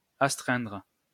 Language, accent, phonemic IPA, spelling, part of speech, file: French, France, /as.tʁɛ̃dʁ/, astreindre, verb, LL-Q150 (fra)-astreindre.wav
- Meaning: to constrain, compel, force